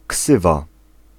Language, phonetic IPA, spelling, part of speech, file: Polish, [ˈksɨva], ksywa, noun, Pl-ksywa.ogg